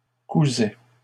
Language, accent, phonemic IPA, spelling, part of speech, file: French, Canada, /ku.zɛ/, cousais, verb, LL-Q150 (fra)-cousais.wav
- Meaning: first/second-person singular imperfect indicative of coudre